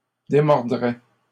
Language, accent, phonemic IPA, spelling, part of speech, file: French, Canada, /de.mɔʁ.dʁɛ/, démordraient, verb, LL-Q150 (fra)-démordraient.wav
- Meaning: third-person plural conditional of démordre